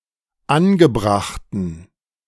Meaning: inflection of angebracht: 1. strong genitive masculine/neuter singular 2. weak/mixed genitive/dative all-gender singular 3. strong/weak/mixed accusative masculine singular 4. strong dative plural
- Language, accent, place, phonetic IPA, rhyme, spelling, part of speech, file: German, Germany, Berlin, [ˈanɡəˌbʁaxtn̩], -anɡəbʁaxtn̩, angebrachten, adjective, De-angebrachten.ogg